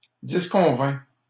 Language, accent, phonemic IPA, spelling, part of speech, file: French, Canada, /dis.kɔ̃.vɛ̃/, disconvint, verb, LL-Q150 (fra)-disconvint.wav
- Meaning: third-person singular past historic of disconvenir